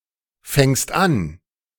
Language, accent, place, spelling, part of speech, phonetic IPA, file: German, Germany, Berlin, fängst an, verb, [ˌfɛŋst ˈan], De-fängst an.ogg
- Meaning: second-person singular present of anfangen